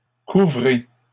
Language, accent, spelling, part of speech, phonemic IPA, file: French, Canada, couvrez, verb, /ku.vʁe/, LL-Q150 (fra)-couvrez.wav
- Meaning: inflection of couvrir: 1. second-person plural present indicative 2. second-person plural imperative